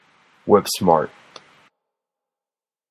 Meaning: Very intelligent
- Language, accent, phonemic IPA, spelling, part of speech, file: English, General American, /ˈwɪpˌsmɑɹt/, whip-smart, adjective, En-us-whip-smart.flac